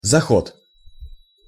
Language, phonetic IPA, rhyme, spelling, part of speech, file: Russian, [zɐˈxot], -ot, заход, noun, Ru-заход.ogg
- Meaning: 1. recess, set, setting, sundown 2. stopping, calling (a ship), approach (an airplane) 3. attempt, trial 4. sunset 5. west